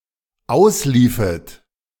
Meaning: second-person plural dependent subjunctive II of auslaufen
- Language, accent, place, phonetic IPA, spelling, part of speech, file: German, Germany, Berlin, [ˈaʊ̯sˌliːfət], ausliefet, verb, De-ausliefet.ogg